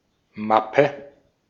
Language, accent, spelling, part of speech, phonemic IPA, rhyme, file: German, Austria, Mappe, noun, /ˈmapə/, -apə, De-at-Mappe.ogg
- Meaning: 1. portfolio (case; collection) 2. briefcase 3. folder 4. looseleaf binder